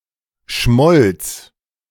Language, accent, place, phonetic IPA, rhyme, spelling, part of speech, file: German, Germany, Berlin, [ʃmɔlt͡s], -ɔlt͡s, schmolz, verb, De-schmolz.ogg
- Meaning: first/third-person singular preterite of schmelzen